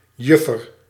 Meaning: 1. damsel, maiden 2. damselfly
- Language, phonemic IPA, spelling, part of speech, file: Dutch, /ˈjʏfər/, juffer, noun / verb, Nl-juffer.ogg